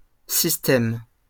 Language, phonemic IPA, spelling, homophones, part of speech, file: French, /sis.tɛm/, systèmes, système, noun, LL-Q150 (fra)-systèmes.wav
- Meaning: plural of système